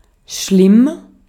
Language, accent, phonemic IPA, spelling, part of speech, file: German, Austria, /ʃlɪm/, schlimm, adjective / adverb, De-at-schlimm.ogg
- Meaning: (adjective) 1. bad, terrible, serious (seriously bad), dire, horrible, awful 2. hurting, ill, infected; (adverb) badly, severely